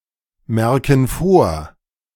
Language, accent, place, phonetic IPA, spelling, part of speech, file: German, Germany, Berlin, [ˌmɛʁkn̩ ˈfoːɐ̯], merken vor, verb, De-merken vor.ogg
- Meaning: inflection of vormerken: 1. first/third-person plural present 2. first/third-person plural subjunctive I